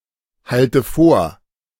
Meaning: inflection of vorhalten: 1. first-person singular present 2. first/third-person singular subjunctive I 3. singular imperative
- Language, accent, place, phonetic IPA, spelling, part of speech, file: German, Germany, Berlin, [ˌhaltə ˈfoːɐ̯], halte vor, verb, De-halte vor.ogg